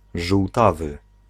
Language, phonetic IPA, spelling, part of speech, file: Polish, [ʒuwˈtavɨ], żółtawy, adjective, Pl-żółtawy.ogg